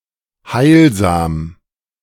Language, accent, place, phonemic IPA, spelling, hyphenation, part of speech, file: German, Germany, Berlin, /ˈhaɪ̯lza(ː)m/, heilsam, heil‧sam, adjective, De-heilsam.ogg
- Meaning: promoting mental, moral and/or physical welfare; wholesome, healing, salubrious